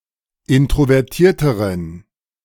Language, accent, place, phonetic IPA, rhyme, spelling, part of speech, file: German, Germany, Berlin, [ˌɪntʁovɛʁˈtiːɐ̯təʁən], -iːɐ̯təʁən, introvertierteren, adjective, De-introvertierteren.ogg
- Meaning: inflection of introvertiert: 1. strong genitive masculine/neuter singular comparative degree 2. weak/mixed genitive/dative all-gender singular comparative degree